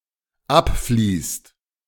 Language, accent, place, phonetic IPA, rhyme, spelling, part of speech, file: German, Germany, Berlin, [ˈapˌfliːst], -apfliːst, abfließt, verb, De-abfließt.ogg
- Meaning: inflection of abfließen: 1. second/third-person singular dependent present 2. second-person plural dependent present